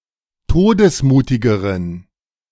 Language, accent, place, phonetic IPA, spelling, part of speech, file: German, Germany, Berlin, [ˈtoːdəsˌmuːtɪɡəʁən], todesmutigeren, adjective, De-todesmutigeren.ogg
- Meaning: inflection of todesmutig: 1. strong genitive masculine/neuter singular comparative degree 2. weak/mixed genitive/dative all-gender singular comparative degree